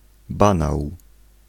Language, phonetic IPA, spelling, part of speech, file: Polish, [ˈbãnaw], banał, noun, Pl-banał.ogg